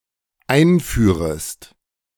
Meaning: second-person singular dependent subjunctive I of einführen
- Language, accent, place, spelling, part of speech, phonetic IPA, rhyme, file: German, Germany, Berlin, einführest, verb, [ˈaɪ̯nˌfyːʁəst], -aɪ̯nfyːʁəst, De-einführest.ogg